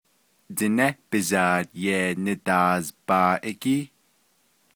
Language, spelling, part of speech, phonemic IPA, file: Navajo, Diné bizaad yee nidaazbaaʼígíí, noun, /tɪ̀nɛ́ pɪ̀zɑ̀ːt jèː nɪ̀tɑ̀ːzpɑ̀ːʔɪ́kíː/, Nv-Diné bizaad yee nidaazbaaʼígíí.ogg
- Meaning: plural of Diné bizaad yee naazbaaʼígíí